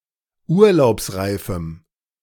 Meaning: strong dative masculine/neuter singular of urlaubsreif
- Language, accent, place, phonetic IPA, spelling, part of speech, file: German, Germany, Berlin, [ˈuːɐ̯laʊ̯psˌʁaɪ̯fm̩], urlaubsreifem, adjective, De-urlaubsreifem.ogg